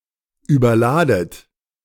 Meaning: inflection of überladen: 1. second-person plural present 2. second-person plural subjunctive I 3. plural imperative
- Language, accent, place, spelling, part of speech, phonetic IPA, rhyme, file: German, Germany, Berlin, überladet, verb, [yːbɐˈlaːdət], -aːdət, De-überladet.ogg